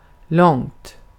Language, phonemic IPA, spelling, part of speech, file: Swedish, /lɔŋːt/, långt, adjective / adverb, Sv-långt.ogg
- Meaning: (adjective) indefinite neuter singular of lång; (adverb) far